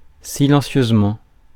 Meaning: silently (in a silent manner; making no noise)
- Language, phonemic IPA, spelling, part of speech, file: French, /si.lɑ̃.sjøz.mɑ̃/, silencieusement, adverb, Fr-silencieusement.ogg